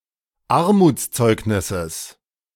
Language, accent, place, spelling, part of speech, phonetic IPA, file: German, Germany, Berlin, Armutszeugnisses, noun, [ˈaʁmuːt͡sˌt͡sɔɪ̯knɪsəs], De-Armutszeugnisses.ogg
- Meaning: genitive singular of Armutszeugnis